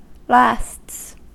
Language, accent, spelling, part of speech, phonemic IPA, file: English, US, lasts, noun / verb, /læsts/, En-us-lasts.ogg
- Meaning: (noun) plural of last; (verb) third-person singular simple present indicative of last